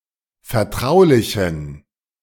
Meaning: inflection of vertraulich: 1. strong genitive masculine/neuter singular 2. weak/mixed genitive/dative all-gender singular 3. strong/weak/mixed accusative masculine singular 4. strong dative plural
- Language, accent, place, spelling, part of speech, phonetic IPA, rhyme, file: German, Germany, Berlin, vertraulichen, adjective, [fɛɐ̯ˈtʁaʊ̯lɪçn̩], -aʊ̯lɪçn̩, De-vertraulichen.ogg